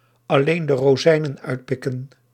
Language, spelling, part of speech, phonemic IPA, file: Dutch, alleen de rozijnen uitpikken, verb, /ɑˈleːn də roːˈzɛi̯.nə(n)ˈœy̯t.pɪ.kə(n)/, Nl-alleen de rozijnen uitpikken.ogg
- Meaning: to cherrypick